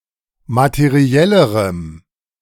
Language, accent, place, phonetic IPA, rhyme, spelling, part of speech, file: German, Germany, Berlin, [matəˈʁi̯ɛləʁəm], -ɛləʁəm, materiellerem, adjective, De-materiellerem.ogg
- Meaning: strong dative masculine/neuter singular comparative degree of materiell